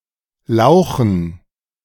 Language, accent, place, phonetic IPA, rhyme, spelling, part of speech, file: German, Germany, Berlin, [ˈlaʊ̯xn̩], -aʊ̯xn̩, Lauchen, noun, De-Lauchen.ogg
- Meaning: dative plural of Lauch